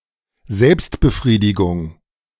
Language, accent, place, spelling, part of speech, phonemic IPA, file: German, Germany, Berlin, Selbstbefriedigung, noun, /ˈzɛlpstbəˌfʁiːdɪɡʊŋ/, De-Selbstbefriedigung.ogg
- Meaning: masturbation